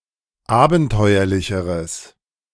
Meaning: strong/mixed nominative/accusative neuter singular comparative degree of abenteuerlich
- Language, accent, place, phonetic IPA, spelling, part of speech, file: German, Germany, Berlin, [ˈaːbn̩ˌtɔɪ̯ɐlɪçəʁəs], abenteuerlicheres, adjective, De-abenteuerlicheres.ogg